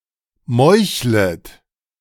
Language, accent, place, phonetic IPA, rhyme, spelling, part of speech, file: German, Germany, Berlin, [ˈmɔɪ̯çlət], -ɔɪ̯çlət, meuchlet, verb, De-meuchlet.ogg
- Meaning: second-person plural subjunctive I of meucheln